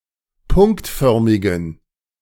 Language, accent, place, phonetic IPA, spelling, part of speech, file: German, Germany, Berlin, [ˈpʊŋktˌfœʁmɪɡn̩], punktförmigen, adjective, De-punktförmigen.ogg
- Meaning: inflection of punktförmig: 1. strong genitive masculine/neuter singular 2. weak/mixed genitive/dative all-gender singular 3. strong/weak/mixed accusative masculine singular 4. strong dative plural